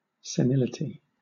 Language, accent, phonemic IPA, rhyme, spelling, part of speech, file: English, Southern England, /səˈnɪlɪti/, -ɪlɪti, senility, noun, LL-Q1860 (eng)-senility.wav
- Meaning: 1. The bodily and mental deterioration associated with old age: Synonym of senescence 2. The losing of memory and reason due to senescence 3. An elderly, senile person